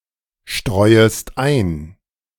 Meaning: second-person singular subjunctive I of einstreuen
- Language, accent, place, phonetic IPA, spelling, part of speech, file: German, Germany, Berlin, [ˌʃtʁɔɪ̯əst ˈaɪ̯n], streuest ein, verb, De-streuest ein.ogg